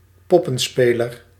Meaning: puppeteer
- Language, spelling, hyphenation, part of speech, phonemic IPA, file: Dutch, poppenspeler, pop‧pen‧spe‧ler, noun, /ˈpɔpə(n)ˌspelər/, Nl-poppenspeler.ogg